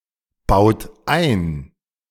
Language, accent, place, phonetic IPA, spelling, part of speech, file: German, Germany, Berlin, [ˌbaʊ̯t ˈaɪ̯n], baut ein, verb, De-baut ein.ogg
- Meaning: inflection of einbauen: 1. third-person singular present 2. second-person plural present 3. plural imperative